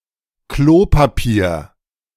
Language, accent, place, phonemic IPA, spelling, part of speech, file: German, Germany, Berlin, /ˈkloːpaˌpiːɐ̯/, Klopapier, noun, De-Klopapier.ogg
- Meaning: toilet paper (paper on a roll)